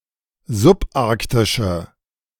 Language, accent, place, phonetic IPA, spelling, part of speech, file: German, Germany, Berlin, [zʊpˈʔaʁktɪʃə], subarktische, adjective, De-subarktische.ogg
- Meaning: inflection of subarktisch: 1. strong/mixed nominative/accusative feminine singular 2. strong nominative/accusative plural 3. weak nominative all-gender singular